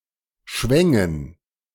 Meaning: first/third-person plural subjunctive II of schwingen
- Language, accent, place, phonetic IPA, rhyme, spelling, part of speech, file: German, Germany, Berlin, [ˈʃvɛŋən], -ɛŋən, schwängen, verb, De-schwängen.ogg